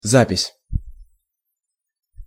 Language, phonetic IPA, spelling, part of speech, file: Russian, [ˈzapʲɪsʲ], запись, noun, Ru-запись.ogg
- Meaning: 1. record, recording (e.g. sound) 2. entry (e.g. in a log, a journal, a database or a document) 3. official act, record, deed, registration